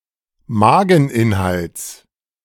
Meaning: genitive singular of Mageninhalt
- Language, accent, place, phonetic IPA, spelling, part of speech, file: German, Germany, Berlin, [ˈmaːɡŋ̍ˌʔɪnhalt͡s], Mageninhalts, noun, De-Mageninhalts.ogg